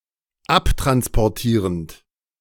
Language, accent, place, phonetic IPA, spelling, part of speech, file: German, Germany, Berlin, [ˈaptʁanspɔʁˌtiːʁənt], abtransportierend, verb, De-abtransportierend.ogg
- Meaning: present participle of abtransportieren